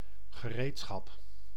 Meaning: 1. tool 2. tools
- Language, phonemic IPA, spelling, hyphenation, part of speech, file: Dutch, /ɣəˈreːtˌsxɑp/, gereedschap, ge‧reed‧schap, noun, Nl-gereedschap.ogg